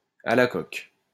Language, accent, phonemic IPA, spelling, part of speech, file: French, France, /a la kɔk/, à la coque, adjective, LL-Q150 (fra)-à la coque.wav
- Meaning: soft-boiled